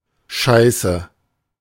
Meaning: 1. feces, shit 2. something worthless, shit 3. nothing, jack shit, fuck all
- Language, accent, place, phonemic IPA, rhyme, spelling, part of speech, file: German, Germany, Berlin, /ˈʃaɪ̯sə/, -aɪ̯sə, Scheiße, noun, De-Scheiße.ogg